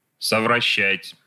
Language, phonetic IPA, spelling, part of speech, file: Russian, [səvrɐˈɕːætʲ], совращать, verb, Ru-совращать.ogg
- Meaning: 1. to move aside, to deflect 2. to incite to behave badly, to corrupt 3. to seduce, to pervert